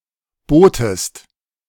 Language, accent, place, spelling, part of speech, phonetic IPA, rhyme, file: German, Germany, Berlin, botest, verb, [ˈboːtəst], -oːtəst, De-botest.ogg
- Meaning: second-person singular preterite of bieten